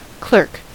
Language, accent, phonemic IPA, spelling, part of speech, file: English, General American, /klɝk/, clerk, noun / verb, En-us-clerk.ogg
- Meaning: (noun) One who occupationally provides assistance by working with records, accounts, letters, etc.; an office worker